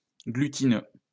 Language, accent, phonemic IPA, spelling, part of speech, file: French, France, /ɡly.ti.nø/, glutineux, adjective, LL-Q150 (fra)-glutineux.wav
- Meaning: glutinous